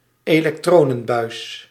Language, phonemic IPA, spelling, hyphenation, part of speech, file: Dutch, /eː.lɛkˈtroː.nə(n)ˌbœy̯s/, elektronenbuis, elek‧tro‧nen‧buis, noun, Nl-elektronenbuis.ogg
- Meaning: vacuum tube